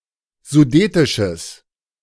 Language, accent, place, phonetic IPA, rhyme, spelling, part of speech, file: German, Germany, Berlin, [zuˈdeːtɪʃəs], -eːtɪʃəs, sudetisches, adjective, De-sudetisches.ogg
- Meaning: strong/mixed nominative/accusative neuter singular of sudetisch